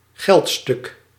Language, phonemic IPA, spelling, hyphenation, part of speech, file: Dutch, /ˈɣɛlt.stʏk/, geldstuk, geld‧stuk, noun, Nl-geldstuk.ogg
- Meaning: coin (a piece of currency)